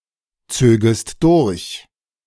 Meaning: second-person singular subjunctive II of durchziehen
- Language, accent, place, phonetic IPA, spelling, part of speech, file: German, Germany, Berlin, [ˌt͡søːɡəst ˈdʊʁç], zögest durch, verb, De-zögest durch.ogg